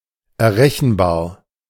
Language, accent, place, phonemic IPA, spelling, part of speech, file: German, Germany, Berlin, /ɛɐ̯ˈʁɛçn̩baːɐ̯/, errechenbar, adjective, De-errechenbar.ogg
- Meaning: calculable